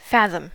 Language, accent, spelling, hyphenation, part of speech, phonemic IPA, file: English, General American, fathom, fa‧thom, noun / verb, /ˈfæðəm/, En-us-fathom.ogg
- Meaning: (noun) A man's armspan, generally reckoned to be six feet (about 1.8 metres). Later used to measure the depth of water, but now generally replaced by the metre outside American usage